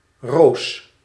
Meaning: a female given name
- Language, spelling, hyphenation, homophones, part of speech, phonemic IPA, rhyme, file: Dutch, Roos, Roos, roos, proper noun, /roːs/, -oːs, Nl-Roos.ogg